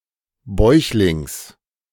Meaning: lying on one’s belly; prostrate
- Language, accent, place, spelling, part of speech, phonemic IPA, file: German, Germany, Berlin, bäuchlings, adverb, /ˈbɔɪ̯çlɪŋs/, De-bäuchlings.ogg